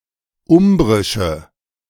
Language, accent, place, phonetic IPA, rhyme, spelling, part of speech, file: German, Germany, Berlin, [ˈʊmbʁɪʃə], -ʊmbʁɪʃə, umbrische, adjective, De-umbrische.ogg
- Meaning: inflection of umbrisch: 1. strong/mixed nominative/accusative feminine singular 2. strong nominative/accusative plural 3. weak nominative all-gender singular